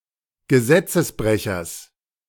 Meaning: genitive singular of Gesetzesbrecher
- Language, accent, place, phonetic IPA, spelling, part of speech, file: German, Germany, Berlin, [ɡəˈzɛt͡səsˌbʁɛçɐs], Gesetzesbrechers, noun, De-Gesetzesbrechers.ogg